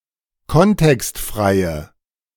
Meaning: inflection of kontextfrei: 1. strong/mixed nominative/accusative feminine singular 2. strong nominative/accusative plural 3. weak nominative all-gender singular
- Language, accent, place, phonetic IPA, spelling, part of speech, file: German, Germany, Berlin, [ˈkɔntɛkstˌfʁaɪ̯ə], kontextfreie, adjective, De-kontextfreie.ogg